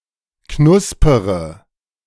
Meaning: inflection of knuspern: 1. first-person singular present 2. first-person plural subjunctive I 3. third-person singular subjunctive I 4. singular imperative
- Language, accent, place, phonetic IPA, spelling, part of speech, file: German, Germany, Berlin, [ˈknʊspəʁə], knuspere, verb, De-knuspere.ogg